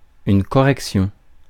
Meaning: 1. correction (all senses) 2. propriety (quality of being proper or correct)
- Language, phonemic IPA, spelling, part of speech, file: French, /kɔ.ʁɛk.sjɔ̃/, correction, noun, Fr-correction.ogg